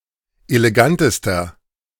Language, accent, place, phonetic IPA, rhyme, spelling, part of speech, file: German, Germany, Berlin, [eleˈɡantəstɐ], -antəstɐ, elegantester, adjective, De-elegantester.ogg
- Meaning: inflection of elegant: 1. strong/mixed nominative masculine singular superlative degree 2. strong genitive/dative feminine singular superlative degree 3. strong genitive plural superlative degree